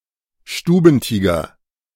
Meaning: domestic cat
- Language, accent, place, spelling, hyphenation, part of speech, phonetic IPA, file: German, Germany, Berlin, Stubentiger, Stu‧ben‧ti‧ger, noun, [ˈʃtuːbn̩ˌtiːɡɐ], De-Stubentiger.ogg